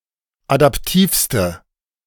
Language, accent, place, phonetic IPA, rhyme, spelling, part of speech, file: German, Germany, Berlin, [adapˈtiːfstə], -iːfstə, adaptivste, adjective, De-adaptivste.ogg
- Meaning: inflection of adaptiv: 1. strong/mixed nominative/accusative feminine singular superlative degree 2. strong nominative/accusative plural superlative degree